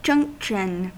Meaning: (noun) 1. The act of joining, or the state of being joined 2. A place where two things meet, especially where two roads meet 3. A place where two or more railways or railroads meet
- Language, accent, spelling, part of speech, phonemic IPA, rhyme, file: English, US, junction, noun / verb, /ˈd͡ʒʌŋkʃən/, -ʌŋkʃən, En-us-junction.ogg